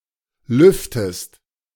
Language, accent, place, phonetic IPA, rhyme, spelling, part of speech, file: German, Germany, Berlin, [ˈlʏftəst], -ʏftəst, lüftest, verb, De-lüftest.ogg
- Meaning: inflection of lüften: 1. second-person singular present 2. second-person singular subjunctive I